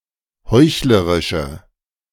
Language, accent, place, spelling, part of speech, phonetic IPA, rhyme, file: German, Germany, Berlin, heuchlerische, adjective, [ˈhɔɪ̯çləʁɪʃə], -ɔɪ̯çləʁɪʃə, De-heuchlerische.ogg
- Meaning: inflection of heuchlerisch: 1. strong/mixed nominative/accusative feminine singular 2. strong nominative/accusative plural 3. weak nominative all-gender singular